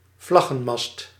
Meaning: a long, upright flagpole
- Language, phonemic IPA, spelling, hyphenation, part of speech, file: Dutch, /ˈvlɑ.ɣə(n)ˌmɑst/, vlaggenmast, vlag‧gen‧mast, noun, Nl-vlaggenmast.ogg